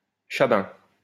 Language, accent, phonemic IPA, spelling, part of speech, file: French, France, /ʃa.bɛ̃/, chabin, noun, LL-Q150 (fra)-chabin.wav
- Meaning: 1. sheep-goat hybrid, "geep" 2. a person of African descent with pale skin